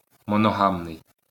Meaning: monogamous
- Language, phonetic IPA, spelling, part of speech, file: Ukrainian, [mɔnɔˈɦamnei̯], моногамний, adjective, LL-Q8798 (ukr)-моногамний.wav